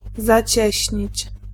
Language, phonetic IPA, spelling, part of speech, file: Polish, [zaˈt͡ɕɛ̇ɕɲit͡ɕ], zacieśnić, verb, Pl-zacieśnić.ogg